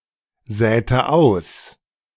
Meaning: inflection of aussäen: 1. first/third-person singular preterite 2. first/third-person singular subjunctive II
- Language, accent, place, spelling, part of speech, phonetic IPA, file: German, Germany, Berlin, säte aus, verb, [ˌzɛːtə ˈaʊ̯s], De-säte aus.ogg